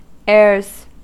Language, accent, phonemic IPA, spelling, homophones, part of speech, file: English, US, /ɛəɹz/, airs, Ayres / eres / eyres / heirs, noun / verb, En-us-airs.ogg
- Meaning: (noun) 1. plural of air 2. Affected manners intended to impress others; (verb) third-person singular simple present indicative of air